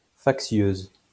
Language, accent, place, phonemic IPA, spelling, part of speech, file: French, France, Lyon, /fak.sjøz/, factieuse, adjective, LL-Q150 (fra)-factieuse.wav
- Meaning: feminine singular of factieux